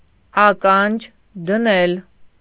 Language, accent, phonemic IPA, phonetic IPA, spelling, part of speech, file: Armenian, Eastern Armenian, /ɑˈkɑnd͡ʒ dəˈnel/, [ɑkɑ́nd͡ʒ dənél], ականջ դնել, phrase, Hy-ականջ դնել.ogg
- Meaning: 1. to eavesdrop 2. to hearken 3. to listen, to wait for a sound